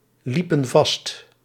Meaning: inflection of vastlopen: 1. plural past indicative 2. plural past subjunctive
- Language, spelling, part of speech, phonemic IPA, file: Dutch, liepen vast, verb, /ˈlipə(n) ˈvɑst/, Nl-liepen vast.ogg